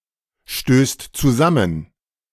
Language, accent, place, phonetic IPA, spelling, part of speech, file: German, Germany, Berlin, [ˌʃtøːst t͡suˈzamən], stößt zusammen, verb, De-stößt zusammen.ogg
- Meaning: second/third-person singular present of zusammenstoßen